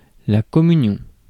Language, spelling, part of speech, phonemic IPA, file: French, communion, noun, /kɔ.my.njɔ̃/, Fr-communion.ogg
- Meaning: Communion; communion